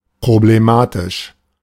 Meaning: problematic, problematical
- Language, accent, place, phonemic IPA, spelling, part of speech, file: German, Germany, Berlin, /pʁobleˈmaːtɪʃ/, problematisch, adjective, De-problematisch.ogg